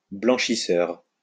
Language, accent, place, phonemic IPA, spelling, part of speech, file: French, France, Lyon, /blɑ̃.ʃi.sœʁ/, blanchisseur, noun, LL-Q150 (fra)-blanchisseur.wav
- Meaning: laundry-worker